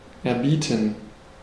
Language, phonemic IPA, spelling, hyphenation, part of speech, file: German, /ɛrˈbiːtən/, erbieten, er‧bie‧ten, verb, De-erbieten.ogg
- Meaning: 1. to volunteer, to undertake, to make oneself available 2. to grant, to show, to present